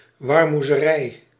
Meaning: 1. vegetable farm 2. vegetable cultivation
- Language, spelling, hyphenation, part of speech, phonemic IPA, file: Dutch, warmoezerij, war‧moe‧ze‧rij, noun, /ˌʋɑr.mu.zəˈrɛi̯/, Nl-warmoezerij.ogg